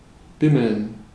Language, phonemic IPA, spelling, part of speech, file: German, /ˈbɪməln/, bimmeln, verb, De-bimmeln.ogg
- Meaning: to jingle; to chime (make the sound of a small bell)